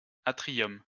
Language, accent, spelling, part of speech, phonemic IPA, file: French, France, atrium, noun, /a.tʁi.jɔm/, LL-Q150 (fra)-atrium.wav
- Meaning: atrium